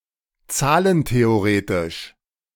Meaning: number-theoretical
- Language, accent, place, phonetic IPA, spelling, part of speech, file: German, Germany, Berlin, [ˈt͡saːlənteoˌʁeːtɪʃ], zahlentheoretisch, adjective, De-zahlentheoretisch.ogg